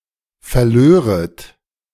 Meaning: second-person plural subjunctive II of verlieren
- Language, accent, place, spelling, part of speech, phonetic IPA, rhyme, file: German, Germany, Berlin, verlöret, verb, [fɛɐ̯ˈløːʁət], -øːʁət, De-verlöret.ogg